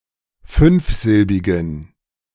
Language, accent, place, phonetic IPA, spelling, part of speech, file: German, Germany, Berlin, [ˈfʏnfˌzɪlbɪɡn̩], fünfsilbigen, adjective, De-fünfsilbigen.ogg
- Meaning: inflection of fünfsilbig: 1. strong genitive masculine/neuter singular 2. weak/mixed genitive/dative all-gender singular 3. strong/weak/mixed accusative masculine singular 4. strong dative plural